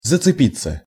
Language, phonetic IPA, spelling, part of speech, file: Russian, [zət͡sɨˈpʲit͡sːə], зацепиться, verb, Ru-зацепиться.ogg
- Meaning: 1. to catch (on) 2. to catch hold (of) 3. to catch (at), to grab (at), to snatch (at), to seize (on), to fasten (onto) 4. to go (by) 5. passive of зацепи́ть (zacepítʹ)